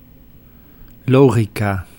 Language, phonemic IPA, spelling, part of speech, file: Dutch, /ˈloːxikaː/, logica, noun, Nl-logica.ogg
- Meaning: logic